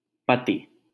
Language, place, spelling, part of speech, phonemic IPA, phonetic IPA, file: Hindi, Delhi, पति, noun, /pə.t̪iː/, [pɐ.t̪iː], LL-Q1568 (hin)-पति.wav
- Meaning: 1. husband 2. master, lord